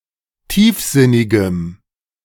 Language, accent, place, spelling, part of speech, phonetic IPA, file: German, Germany, Berlin, tiefsinnigem, adjective, [ˈtiːfˌzɪnɪɡəm], De-tiefsinnigem.ogg
- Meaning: strong dative masculine/neuter singular of tiefsinnig